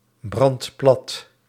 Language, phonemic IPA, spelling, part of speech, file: Dutch, /ˈbrɑnt ˈplɑt/, brandt plat, verb, Nl-brandt plat.ogg
- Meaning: inflection of platbranden: 1. second/third-person singular present indicative 2. plural imperative